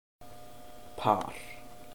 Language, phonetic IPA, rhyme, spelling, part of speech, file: Icelandic, [ˈpʰaːr], -aːr, par, noun, Is-par.oga
- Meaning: 1. pair 2. couple (two people who are dating) 3. par